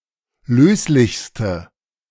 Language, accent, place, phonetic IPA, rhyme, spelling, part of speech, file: German, Germany, Berlin, [ˈløːslɪçstə], -øːslɪçstə, löslichste, adjective, De-löslichste.ogg
- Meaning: inflection of löslich: 1. strong/mixed nominative/accusative feminine singular superlative degree 2. strong nominative/accusative plural superlative degree